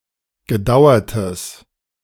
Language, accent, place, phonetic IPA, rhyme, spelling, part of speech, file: German, Germany, Berlin, [ɡəˈdaʊ̯ɐtəs], -aʊ̯ɐtəs, gedauertes, adjective, De-gedauertes.ogg
- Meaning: strong/mixed nominative/accusative neuter singular of gedauert